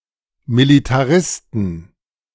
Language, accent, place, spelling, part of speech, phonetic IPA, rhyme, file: German, Germany, Berlin, Militaristen, noun, [militaˈʁɪstn̩], -ɪstn̩, De-Militaristen.ogg
- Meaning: plural of Militarist